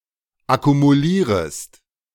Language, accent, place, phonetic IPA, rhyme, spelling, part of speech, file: German, Germany, Berlin, [akumuˈliːʁəst], -iːʁəst, akkumulierest, verb, De-akkumulierest.ogg
- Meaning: second-person singular subjunctive I of akkumulieren